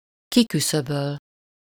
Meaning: 1. to eliminate 2. to avert, prevent 3. to eliminate (to remove)
- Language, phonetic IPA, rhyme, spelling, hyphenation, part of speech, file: Hungarian, [ˈkikysøbøl], -øl, kiküszöböl, ki‧kü‧szö‧böl, verb, Hu-kiküszöböl.ogg